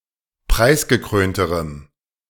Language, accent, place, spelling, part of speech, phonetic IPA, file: German, Germany, Berlin, preisgekrönterem, adjective, [ˈpʁaɪ̯sɡəˌkʁøːntəʁəm], De-preisgekrönterem.ogg
- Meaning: strong dative masculine/neuter singular comparative degree of preisgekrönt